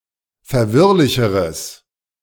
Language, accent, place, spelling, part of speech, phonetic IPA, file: German, Germany, Berlin, verwirrlicheres, adjective, [fɛɐ̯ˈvɪʁlɪçəʁəs], De-verwirrlicheres.ogg
- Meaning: strong/mixed nominative/accusative neuter singular comparative degree of verwirrlich